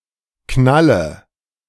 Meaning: inflection of knallen: 1. first-person singular present 2. first/third-person singular subjunctive I 3. singular imperative
- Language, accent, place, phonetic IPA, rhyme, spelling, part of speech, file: German, Germany, Berlin, [ˈknalə], -alə, knalle, verb, De-knalle.ogg